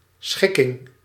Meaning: 1. arrangement, layout 2. compromise 3. settlement agreement
- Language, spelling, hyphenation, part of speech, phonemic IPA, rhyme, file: Dutch, schikking, schik‧king, noun, /ˈsxɪ.kɪŋ/, -ɪkɪŋ, Nl-schikking.ogg